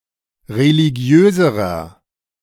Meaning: inflection of religiös: 1. strong/mixed nominative masculine singular comparative degree 2. strong genitive/dative feminine singular comparative degree 3. strong genitive plural comparative degree
- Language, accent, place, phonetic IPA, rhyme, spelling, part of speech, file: German, Germany, Berlin, [ʁeliˈɡi̯øːzəʁɐ], -øːzəʁɐ, religiöserer, adjective, De-religiöserer.ogg